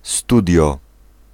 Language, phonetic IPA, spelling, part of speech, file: Polish, [ˈstudʲjɔ], studio, noun, Pl-studio.ogg